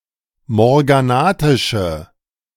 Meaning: inflection of morganatisch: 1. strong/mixed nominative/accusative feminine singular 2. strong nominative/accusative plural 3. weak nominative all-gender singular
- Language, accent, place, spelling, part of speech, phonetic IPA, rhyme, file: German, Germany, Berlin, morganatische, adjective, [mɔʁɡaˈnaːtɪʃə], -aːtɪʃə, De-morganatische.ogg